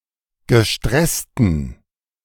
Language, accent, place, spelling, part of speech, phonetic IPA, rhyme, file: German, Germany, Berlin, gestressten, adjective, [ɡəˈʃtʁɛstn̩], -ɛstn̩, De-gestressten.ogg
- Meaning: inflection of gestresst: 1. strong genitive masculine/neuter singular 2. weak/mixed genitive/dative all-gender singular 3. strong/weak/mixed accusative masculine singular 4. strong dative plural